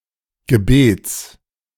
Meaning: genitive singular of Gebet
- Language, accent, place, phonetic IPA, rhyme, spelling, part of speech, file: German, Germany, Berlin, [ɡəˈbeːt͡s], -eːt͡s, Gebets, noun, De-Gebets.ogg